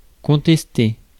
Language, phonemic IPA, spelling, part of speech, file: French, /kɔ̃.tɛs.te/, contester, verb, Fr-contester.ogg
- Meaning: to contest; to challenge; to dispute